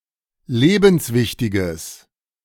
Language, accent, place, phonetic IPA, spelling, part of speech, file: German, Germany, Berlin, [ˈleːbn̩sˌvɪçtɪɡəs], lebenswichtiges, adjective, De-lebenswichtiges.ogg
- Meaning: strong/mixed nominative/accusative neuter singular of lebenswichtig